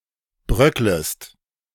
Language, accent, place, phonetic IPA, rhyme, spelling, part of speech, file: German, Germany, Berlin, [ˈbʁœkləst], -œkləst, bröcklest, verb, De-bröcklest.ogg
- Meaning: second-person singular subjunctive I of bröckeln